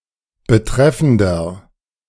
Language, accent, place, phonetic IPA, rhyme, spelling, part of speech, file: German, Germany, Berlin, [bəˈtʁɛfn̩dɐ], -ɛfn̩dɐ, betreffender, adjective, De-betreffender.ogg
- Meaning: inflection of betreffend: 1. strong/mixed nominative masculine singular 2. strong genitive/dative feminine singular 3. strong genitive plural